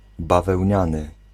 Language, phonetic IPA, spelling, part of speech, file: Polish, [ˌbavɛwʲˈɲãnɨ], bawełniany, adjective, Pl-bawełniany.ogg